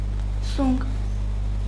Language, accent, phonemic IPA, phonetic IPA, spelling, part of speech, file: Armenian, Eastern Armenian, /sunk/, [suŋk], սունկ, noun, Hy-սունկ.ogg
- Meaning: mushroom